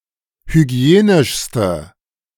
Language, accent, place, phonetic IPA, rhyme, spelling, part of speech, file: German, Germany, Berlin, [hyˈɡi̯eːnɪʃstə], -eːnɪʃstə, hygienischste, adjective, De-hygienischste.ogg
- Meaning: inflection of hygienisch: 1. strong/mixed nominative/accusative feminine singular superlative degree 2. strong nominative/accusative plural superlative degree